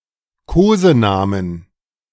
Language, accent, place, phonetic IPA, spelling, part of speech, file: German, Germany, Berlin, [ˈkoːzəˌnaːmən], Kosenamen, noun, De-Kosenamen.ogg
- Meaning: inflection of Kosename: 1. dative/accusative singular 2. all-case plural